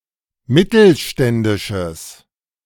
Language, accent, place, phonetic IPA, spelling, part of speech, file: German, Germany, Berlin, [ˈmɪtl̩ˌʃtɛndɪʃəs], mittelständisches, adjective, De-mittelständisches.ogg
- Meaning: strong/mixed nominative/accusative neuter singular of mittelständisch